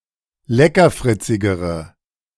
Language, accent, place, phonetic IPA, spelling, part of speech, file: German, Germany, Berlin, [ˈlɛkɐˌfʁɪt͡sɪɡəʁə], leckerfritzigere, adjective, De-leckerfritzigere.ogg
- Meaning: inflection of leckerfritzig: 1. strong/mixed nominative/accusative feminine singular comparative degree 2. strong nominative/accusative plural comparative degree